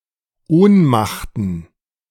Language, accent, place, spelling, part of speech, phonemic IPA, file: German, Germany, Berlin, Ohnmachten, noun, /ˈoːnmaχtn̩/, De-Ohnmachten.ogg
- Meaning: plural of Ohnmacht